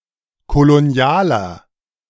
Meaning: inflection of kolonial: 1. strong/mixed nominative masculine singular 2. strong genitive/dative feminine singular 3. strong genitive plural
- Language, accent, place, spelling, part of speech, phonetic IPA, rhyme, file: German, Germany, Berlin, kolonialer, adjective, [koloˈni̯aːlɐ], -aːlɐ, De-kolonialer.ogg